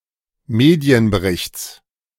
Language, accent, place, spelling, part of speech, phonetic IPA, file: German, Germany, Berlin, Medienberichts, noun, [ˈmeːdi̯ənbəˌʁɪçt͡s], De-Medienberichts.ogg
- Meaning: genitive singular of Medienbericht